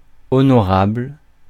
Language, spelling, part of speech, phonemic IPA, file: French, honorable, adjective, /ɔ.nɔ.ʁabl/, Fr-honorable.ogg
- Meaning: honorable